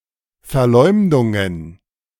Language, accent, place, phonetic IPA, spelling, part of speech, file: German, Germany, Berlin, [fɛɐ̯ˈlɔɪ̯mdʊŋən], Verleumdungen, noun, De-Verleumdungen.ogg
- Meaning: plural of Verleumdung